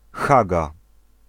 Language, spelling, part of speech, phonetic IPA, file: Polish, Haga, proper noun, [ˈxaɡa], Pl-Haga.ogg